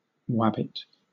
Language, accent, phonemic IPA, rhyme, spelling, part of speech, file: English, Southern England, /ˈwæ.bɪt/, -æbɪt, wabbit, adjective / noun, LL-Q1860 (eng)-wabbit.wav
- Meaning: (adjective) Exhausted; tired; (noun) A rabbit